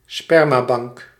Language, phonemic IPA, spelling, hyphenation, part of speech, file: Dutch, /ˈspɛr.maːˌbɑŋk/, spermabank, sper‧ma‧bank, noun, Nl-spermabank.ogg
- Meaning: a sperm bank